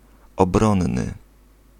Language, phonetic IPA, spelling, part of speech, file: Polish, [ɔbˈrɔ̃nːɨ], obronny, adjective, Pl-obronny.ogg